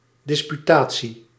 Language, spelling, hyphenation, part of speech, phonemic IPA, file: Dutch, disputatie, dis‧pu‧ta‧tie, noun, /ˌdɪs.pyˈtaː.(t)si/, Nl-disputatie.ogg
- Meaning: dispute, argument